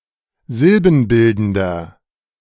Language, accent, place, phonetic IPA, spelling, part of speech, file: German, Germany, Berlin, [ˈzɪlbn̩ˌbɪldn̩dɐ], silbenbildender, adjective, De-silbenbildender.ogg
- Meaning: inflection of silbenbildend: 1. strong/mixed nominative masculine singular 2. strong genitive/dative feminine singular 3. strong genitive plural